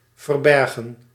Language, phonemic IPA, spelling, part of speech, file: Dutch, /vərˈbɛrɣə(n)/, verbergen, verb, Nl-verbergen.ogg
- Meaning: to hide